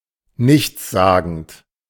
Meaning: bland, vapid, meaningless, trite, vacuous
- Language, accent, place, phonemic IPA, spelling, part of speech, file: German, Germany, Berlin, /ˈnɪçt͡sˌzaːɡn̩t/, nichtssagend, adjective, De-nichtssagend.ogg